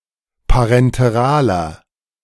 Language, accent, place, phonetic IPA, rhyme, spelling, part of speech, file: German, Germany, Berlin, [paʁɛnteˈʁaːlɐ], -aːlɐ, parenteraler, adjective, De-parenteraler.ogg
- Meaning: inflection of parenteral: 1. strong/mixed nominative masculine singular 2. strong genitive/dative feminine singular 3. strong genitive plural